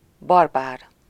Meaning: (adjective) barbarian, barbaric; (noun) barbarian
- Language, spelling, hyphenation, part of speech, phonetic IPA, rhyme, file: Hungarian, barbár, bar‧bár, adjective / noun, [ˈbɒrbaːr], -aːr, Hu-barbár.ogg